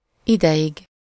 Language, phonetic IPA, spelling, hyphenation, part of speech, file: Hungarian, [ˈidɛjiɡ], ideig, ide‧ig, noun, Hu-ideig.ogg
- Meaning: terminative singular of idő, for a time, for a while